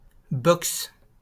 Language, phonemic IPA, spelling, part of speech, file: French, /bɔks/, box, noun, LL-Q150 (fra)-box.wav
- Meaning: 1. stall (for a horse), loose box 2. compartment, cubicle 3. garage, lock-up (for a car) 4. Electronic equipment used for internet access (component of the digital subscriber line technology)